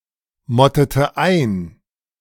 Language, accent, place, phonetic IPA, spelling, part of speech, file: German, Germany, Berlin, [ˌmɔtətə ˈaɪ̯n], mottete ein, verb, De-mottete ein.ogg
- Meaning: inflection of einmotten: 1. first/third-person singular preterite 2. first/third-person singular subjunctive II